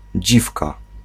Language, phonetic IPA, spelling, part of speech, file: Polish, [ˈd͡ʑifka], dziwka, noun, Pl-dziwka.ogg